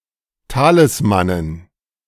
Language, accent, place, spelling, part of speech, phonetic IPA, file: German, Germany, Berlin, Talismanen, noun, [ˈtaːlɪsmanən], De-Talismanen.ogg
- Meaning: dative plural of Talisman